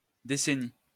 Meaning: decade, ten-year period
- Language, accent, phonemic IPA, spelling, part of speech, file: French, France, /de.se.ni/, décennie, noun, LL-Q150 (fra)-décennie.wav